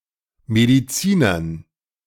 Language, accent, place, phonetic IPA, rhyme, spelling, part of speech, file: German, Germany, Berlin, [ˌmediˈt͡siːnɐn], -iːnɐn, Medizinern, noun, De-Medizinern.ogg
- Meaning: dative plural of Mediziner